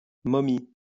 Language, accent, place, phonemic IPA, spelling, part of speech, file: French, France, Lyon, /mɔ.mi/, momie, noun, LL-Q150 (fra)-momie.wav
- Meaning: 1. mummy (embalmed corpse) 2. stiff (a lifeless, boring person)